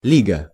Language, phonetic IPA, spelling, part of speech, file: Russian, [ˈlʲiɡə], лига, noun, Ru-лига.ogg
- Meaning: 1. league 2. tie, slur, bind